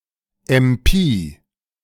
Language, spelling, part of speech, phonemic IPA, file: German, MP, noun, /ɛmˈpiː/, De-MP.ogg
- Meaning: initialism of Maschinenpistole (“machine pistol, submachine gun”)